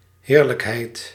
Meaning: 1. deliciousness, delight, delicacy 2. fiefdom (specifically referring to manorialism) 3. glory
- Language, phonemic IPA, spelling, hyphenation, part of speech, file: Dutch, /ˈherləkˌhɛit/, heerlijkheid, heer‧lijk‧heid, noun, Nl-heerlijkheid.ogg